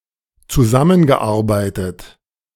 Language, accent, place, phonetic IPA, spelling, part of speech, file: German, Germany, Berlin, [t͡suˈzamənɡəˌʔaʁbaɪ̯tət], zusammengearbeitet, verb, De-zusammengearbeitet.ogg
- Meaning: past participle of zusammenarbeiten